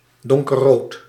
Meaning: dark red
- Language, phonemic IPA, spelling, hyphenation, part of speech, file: Dutch, /ˌdɔŋ.kə(r)ˈroːt/, donkerrood, don‧ker‧rood, adjective, Nl-donkerrood.ogg